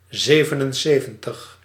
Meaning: seventy-seven
- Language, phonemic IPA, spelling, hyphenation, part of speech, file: Dutch, /ˈzeːvənənˌseːvə(n)təx/, zevenenzeventig, ze‧ven‧en‧ze‧ven‧tig, numeral, Nl-zevenenzeventig.ogg